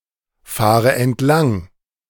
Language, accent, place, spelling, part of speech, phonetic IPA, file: German, Germany, Berlin, fahre entlang, verb, [ˌfaːʁə ɛntˈlaŋ], De-fahre entlang.ogg
- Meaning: inflection of entlangfahren: 1. first-person singular present 2. first/third-person singular subjunctive I 3. singular imperative